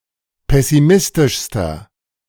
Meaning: inflection of pessimistisch: 1. strong/mixed nominative masculine singular superlative degree 2. strong genitive/dative feminine singular superlative degree
- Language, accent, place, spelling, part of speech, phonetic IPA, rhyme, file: German, Germany, Berlin, pessimistischster, adjective, [ˌpɛsiˈmɪstɪʃstɐ], -ɪstɪʃstɐ, De-pessimistischster.ogg